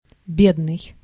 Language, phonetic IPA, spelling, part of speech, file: Russian, [ˈbʲednɨj], бедный, adjective / noun, Ru-бедный.ogg
- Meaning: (adjective) 1. poor (having no possessions or money) 2. poor, scanty (having little of a desirable thing) 3. poor, miserable, wretched; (noun) poor person